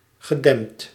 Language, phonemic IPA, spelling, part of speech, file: Dutch, /ɣəˈdɛm(p)t/, gedempt, adjective / verb, Nl-gedempt.ogg
- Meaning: past participle of dempen